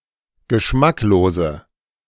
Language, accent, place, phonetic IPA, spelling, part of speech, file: German, Germany, Berlin, [ɡəˈʃmakloːzə], geschmacklose, adjective, De-geschmacklose.ogg
- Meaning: inflection of geschmacklos: 1. strong/mixed nominative/accusative feminine singular 2. strong nominative/accusative plural 3. weak nominative all-gender singular